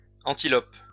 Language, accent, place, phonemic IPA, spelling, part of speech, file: French, France, Lyon, /ɑ̃.ti.lɔp/, antilopes, noun, LL-Q150 (fra)-antilopes.wav
- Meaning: plural of antilope